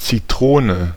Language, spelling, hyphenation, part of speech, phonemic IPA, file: German, Zitrone, Zi‧tro‧ne, noun, /t͡siˈtʁoːnə/, De-Zitrone.ogg
- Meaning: 1. lemon (fruit) 2. lemonade (still beverage)